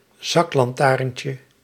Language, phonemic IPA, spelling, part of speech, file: Dutch, /ˈzɑklɑnˌtarᵊɲcə/, zaklantaarntje, noun, Nl-zaklantaarntje.ogg
- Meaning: diminutive of zaklantaarn